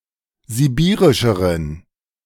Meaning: inflection of sibirisch: 1. strong genitive masculine/neuter singular comparative degree 2. weak/mixed genitive/dative all-gender singular comparative degree
- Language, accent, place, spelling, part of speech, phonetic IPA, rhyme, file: German, Germany, Berlin, sibirischeren, adjective, [ziˈbiːʁɪʃəʁən], -iːʁɪʃəʁən, De-sibirischeren.ogg